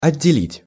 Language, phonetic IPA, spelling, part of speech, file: Russian, [ɐdʲːɪˈlʲitʲ], отделить, verb, Ru-отделить.ogg
- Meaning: 1. to separate, to detach, to part 2. to disjoint, to divorce, to separate off 3. to divide, to serve as boundary 4. to secrete